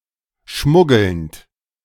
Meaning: present participle of schmuggeln
- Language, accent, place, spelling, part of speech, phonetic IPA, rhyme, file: German, Germany, Berlin, schmuggelnd, verb, [ˈʃmʊɡl̩nt], -ʊɡl̩nt, De-schmuggelnd.ogg